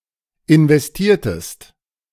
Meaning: inflection of investieren: 1. second-person singular preterite 2. second-person singular subjunctive II
- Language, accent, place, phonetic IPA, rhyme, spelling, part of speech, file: German, Germany, Berlin, [ɪnvɛsˈtiːɐ̯təst], -iːɐ̯təst, investiertest, verb, De-investiertest.ogg